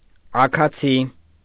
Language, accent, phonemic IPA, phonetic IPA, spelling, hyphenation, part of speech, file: Armenian, Eastern Armenian, /ɑkʰɑˈt͡sʰi/, [ɑkʰɑt͡sʰí], աքացի, ա‧քա‧ցի, noun / adverb, Hy-աքացի.ogg
- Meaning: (noun) kicking; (adverb) by legs, using the legs